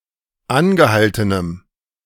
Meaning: strong dative masculine/neuter singular of angehalten
- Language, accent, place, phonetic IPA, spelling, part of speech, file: German, Germany, Berlin, [ˈanɡəˌhaltənəm], angehaltenem, adjective, De-angehaltenem.ogg